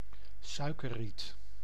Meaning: sugar cane
- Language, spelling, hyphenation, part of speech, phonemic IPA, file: Dutch, suikerriet, sui‧ker‧riet, noun, /ˈsœykəˌrit/, Nl-suikerriet.ogg